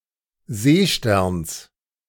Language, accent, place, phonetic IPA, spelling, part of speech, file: German, Germany, Berlin, [ˈzeːˌʃtɛʁns], Seesterns, noun, De-Seesterns.ogg
- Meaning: genitive singular of Seestern